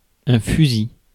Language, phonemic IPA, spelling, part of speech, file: French, /fy.zi/, fusil, noun, Fr-fusil.ogg
- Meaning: 1. rifle, gun 2. steel to strike sparks from a flint (pierre à fusil)